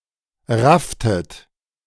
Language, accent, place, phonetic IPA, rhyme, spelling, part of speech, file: German, Germany, Berlin, [ˈʁaftət], -aftət, rafftet, verb, De-rafftet.ogg
- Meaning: inflection of raffen: 1. second-person plural preterite 2. second-person plural subjunctive II